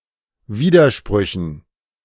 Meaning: dative plural of Widerspruch
- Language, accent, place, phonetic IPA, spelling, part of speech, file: German, Germany, Berlin, [ˈviːdɐˌʃpʁʏçn̩], Widersprüchen, noun, De-Widersprüchen.ogg